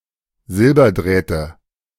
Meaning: nominative/accusative/genitive plural of Silberdraht
- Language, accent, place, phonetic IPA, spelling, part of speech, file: German, Germany, Berlin, [ˈzɪlbɐˌdʁɛːtə], Silberdrähte, noun, De-Silberdrähte.ogg